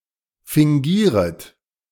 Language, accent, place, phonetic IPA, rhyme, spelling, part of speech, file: German, Germany, Berlin, [fɪŋˈɡiːʁət], -iːʁət, fingieret, verb, De-fingieret.ogg
- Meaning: second-person plural subjunctive I of fingieren